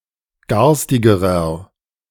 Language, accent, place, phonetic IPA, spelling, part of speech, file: German, Germany, Berlin, [ˈɡaʁstɪɡəʁɐ], garstigerer, adjective, De-garstigerer.ogg
- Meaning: inflection of garstig: 1. strong/mixed nominative masculine singular comparative degree 2. strong genitive/dative feminine singular comparative degree 3. strong genitive plural comparative degree